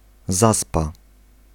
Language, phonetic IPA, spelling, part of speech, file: Polish, [ˈzaspa], zaspa, noun, Pl-zaspa.ogg